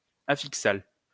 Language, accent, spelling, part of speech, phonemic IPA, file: French, France, affixal, adjective, /a.fik.sal/, LL-Q150 (fra)-affixal.wav
- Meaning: affixal